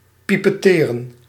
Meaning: to pipette
- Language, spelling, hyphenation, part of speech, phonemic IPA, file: Dutch, pipetteren, pi‧pet‧te‧ren, verb, /ˌpi.pɛˈteː.rə(n)/, Nl-pipetteren.ogg